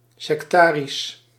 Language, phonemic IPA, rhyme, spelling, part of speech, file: Dutch, /ˌsɛkˈtaː.ris/, -aːris, sektarisch, adjective, Nl-sektarisch.ogg
- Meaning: sectarian